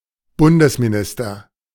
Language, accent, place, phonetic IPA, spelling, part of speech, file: German, Germany, Berlin, [ˈbʊndəsmiˌnɪstɐ], Bundesminister, noun, De-Bundesminister.ogg
- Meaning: federal minister